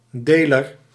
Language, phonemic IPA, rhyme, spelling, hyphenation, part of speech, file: Dutch, /ˈdeː.lər/, -eːlər, deler, de‧ler, noun, Nl-deler.ogg
- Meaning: 1. divisor 2. dealer